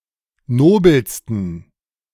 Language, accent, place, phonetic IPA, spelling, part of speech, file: German, Germany, Berlin, [ˈnoːbl̩stn̩], nobelsten, adjective, De-nobelsten.ogg
- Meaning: 1. superlative degree of nobel 2. inflection of nobel: strong genitive masculine/neuter singular superlative degree